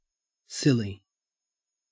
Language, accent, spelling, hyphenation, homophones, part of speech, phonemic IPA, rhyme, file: English, Australia, silly, sil‧ly, Silly / Scilly, adjective / adverb / noun, /ˈsɪl.i/, -ɪli, En-au-silly.ogg
- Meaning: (adjective) 1. Laughable or amusing through foolishness or a foolish appearance 2. Laughable or amusing through foolishness or a foolish appearance.: Absurdly large 3. Blessed: Good; pious